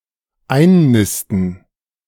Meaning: 1. to nest 2. to settle down
- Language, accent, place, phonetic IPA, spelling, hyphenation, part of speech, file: German, Germany, Berlin, [ˈaɪ̯nˌnɪstn̩], einnisten, ein‧nis‧ten, verb, De-einnisten.ogg